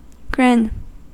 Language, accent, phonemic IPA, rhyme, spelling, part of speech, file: English, US, /ɡɹɪn/, -ɪn, grin, noun / verb, En-us-grin.ogg
- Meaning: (noun) A smile in which the lips are parted to reveal the teeth; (verb) 1. To smile, parting the lips so as to show the teeth 2. To express by grinning 3. To show the teeth, like a snarling dog